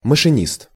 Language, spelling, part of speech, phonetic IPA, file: Russian, машинист, noun, [məʂɨˈnʲist], Ru-машинист.ogg
- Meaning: machinist, engine driver; engineman